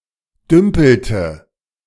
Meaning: inflection of dümpeln: 1. first/third-person singular preterite 2. first/third-person singular subjunctive II
- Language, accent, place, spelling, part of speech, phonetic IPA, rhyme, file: German, Germany, Berlin, dümpelte, verb, [ˈdʏmpl̩tə], -ʏmpl̩tə, De-dümpelte.ogg